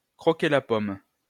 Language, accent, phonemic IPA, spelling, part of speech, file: French, France, /kʁɔ.ke la pɔm/, croquer la pomme, verb, LL-Q150 (fra)-croquer la pomme.wav
- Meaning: 1. to give in to temptation 2. to make love